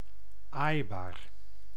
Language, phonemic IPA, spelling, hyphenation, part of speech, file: Dutch, /ˈaːi̯.baːr/, aaibaar, aai‧baar, adjective, Nl-aaibaar.ogg
- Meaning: 1. pettable, able to be petted 2. gentle, docile, tame, cute, cuddly; having qualities suited to being pettable